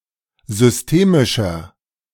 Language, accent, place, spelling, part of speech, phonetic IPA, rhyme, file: German, Germany, Berlin, systemischer, adjective, [zʏsˈteːmɪʃɐ], -eːmɪʃɐ, De-systemischer.ogg
- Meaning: inflection of systemisch: 1. strong/mixed nominative masculine singular 2. strong genitive/dative feminine singular 3. strong genitive plural